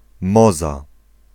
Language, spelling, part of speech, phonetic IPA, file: Polish, Moza, proper noun, [ˈmɔza], Pl-Moza.ogg